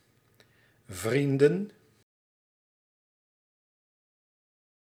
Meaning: plural of vriend
- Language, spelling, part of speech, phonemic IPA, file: Dutch, vrienden, noun, /ˈvrin.də(n)/, Nl-vrienden.ogg